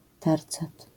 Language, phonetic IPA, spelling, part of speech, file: Polish, [ˈtɛrt͡sɛt], tercet, noun, LL-Q809 (pol)-tercet.wav